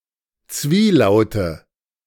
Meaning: nominative/accusative/genitive plural of Zwielaut
- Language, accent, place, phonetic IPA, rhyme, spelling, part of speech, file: German, Germany, Berlin, [ˈt͡sviːˌlaʊ̯tə], -iːlaʊ̯tə, Zwielaute, noun, De-Zwielaute.ogg